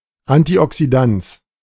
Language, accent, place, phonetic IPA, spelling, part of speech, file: German, Germany, Berlin, [antiˈʔɔksidans], Antioxidans, noun, De-Antioxidans.ogg
- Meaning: antioxidant